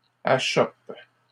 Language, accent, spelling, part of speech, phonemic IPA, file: French, Canada, achoppent, verb, /a.ʃɔp/, LL-Q150 (fra)-achoppent.wav
- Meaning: third-person plural present indicative/subjunctive of achopper